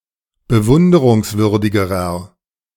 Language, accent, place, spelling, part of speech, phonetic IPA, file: German, Germany, Berlin, bewunderungswürdigerer, adjective, [bəˈvʊndəʁʊŋsˌvʏʁdɪɡəʁɐ], De-bewunderungswürdigerer.ogg
- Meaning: inflection of bewunderungswürdig: 1. strong/mixed nominative masculine singular comparative degree 2. strong genitive/dative feminine singular comparative degree